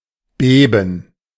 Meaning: to shake, to quiver
- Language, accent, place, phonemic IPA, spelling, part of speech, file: German, Germany, Berlin, /ˈbeːbən/, beben, verb, De-beben.ogg